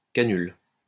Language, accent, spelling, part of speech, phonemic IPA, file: French, France, canule, noun, /ka.nyl/, LL-Q150 (fra)-canule.wav
- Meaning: cannula